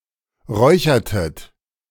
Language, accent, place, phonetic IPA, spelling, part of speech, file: German, Germany, Berlin, [ˈʁɔɪ̯çɐtət], räuchertet, verb, De-räuchertet.ogg
- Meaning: inflection of räuchern: 1. second-person plural preterite 2. second-person plural subjunctive II